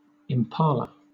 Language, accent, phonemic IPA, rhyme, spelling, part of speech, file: English, Southern England, /ɪmˈpɑːlə/, -ɑːlə, impala, noun, LL-Q1860 (eng)-impala.wav
- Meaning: An African antelope, Aepyceros melampus, noted for its leaping ability; the male has ridged, curved horns